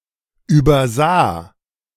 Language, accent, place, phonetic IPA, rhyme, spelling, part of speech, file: German, Germany, Berlin, [ˌyːbɐˈzaː], -aː, übersah, verb, De-übersah.ogg
- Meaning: first/third-person singular preterite of übersehen